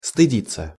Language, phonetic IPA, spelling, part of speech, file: Russian, [stɨˈdʲit͡sːə], стыдиться, verb, Ru-стыдиться.ogg
- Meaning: 1. to be ashamed 2. passive of стыди́ть (stydítʹ)